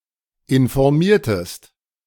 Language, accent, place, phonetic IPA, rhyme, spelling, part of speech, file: German, Germany, Berlin, [ɪnfɔʁˈmiːɐ̯təst], -iːɐ̯təst, informiertest, verb, De-informiertest.ogg
- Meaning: inflection of informieren: 1. second-person singular preterite 2. second-person singular subjunctive II